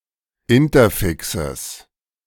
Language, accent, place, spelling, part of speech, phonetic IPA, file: German, Germany, Berlin, Interfixes, noun, [ˈɪntɐˌfɪksəs], De-Interfixes.ogg
- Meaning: genitive singular of Interfix